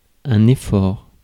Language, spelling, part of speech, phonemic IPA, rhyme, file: French, effort, noun, /e.fɔʁ/, -ɔʁ, Fr-effort.ogg
- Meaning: effort